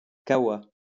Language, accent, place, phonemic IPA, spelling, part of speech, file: French, France, Lyon, /ka.wa/, kawa, noun, LL-Q150 (fra)-kawa.wav
- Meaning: 1. alternative spelling of caoua: coffee 2. kava plant (Piper methysticum) 3. kava, beverage made from Piper methysticum